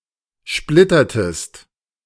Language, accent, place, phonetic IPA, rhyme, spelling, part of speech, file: German, Germany, Berlin, [ˈʃplɪtɐtəst], -ɪtɐtəst, splittertest, verb, De-splittertest.ogg
- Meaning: inflection of splittern: 1. second-person singular preterite 2. second-person singular subjunctive II